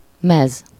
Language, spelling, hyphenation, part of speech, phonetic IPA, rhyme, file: Hungarian, mez, mez, noun, [ˈmɛz], -ɛz, Hu-mez.ogg
- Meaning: 1. guise, garb 2. strip, jersey (the uniform, especially the shirt, of a sport team) 3. dress (for athletes), singlet (for wrestlers)